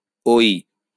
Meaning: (character) The ninth character in the Bengali abugida; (adjective) alternative spelling of ওই (ōi)
- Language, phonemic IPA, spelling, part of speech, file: Bengali, /oi/, ঐ, character / adjective, LL-Q9610 (ben)-ঐ.wav